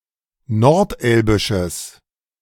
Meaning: strong/mixed nominative/accusative neuter singular of nordelbisch
- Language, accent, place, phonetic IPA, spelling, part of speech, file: German, Germany, Berlin, [nɔʁtˈʔɛlbɪʃəs], nordelbisches, adjective, De-nordelbisches.ogg